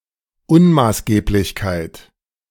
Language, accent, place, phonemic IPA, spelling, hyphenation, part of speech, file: German, Germany, Berlin, /ˈʊnmaːsɡeːplɪçkaɪ̯t/, Unmaßgeblichkeit, Un‧maß‧geb‧lich‧keit, noun, De-Unmaßgeblichkeit.ogg
- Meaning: irrelevance, unauthoritativeness